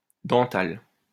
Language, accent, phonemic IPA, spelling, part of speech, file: French, France, /dɑ̃.tal/, dentale, adjective / noun, LL-Q150 (fra)-dentale.wav
- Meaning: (adjective) feminine singular of dental; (noun) 1. dental consonant 2. any of the tusk shells in the family Dentaliidae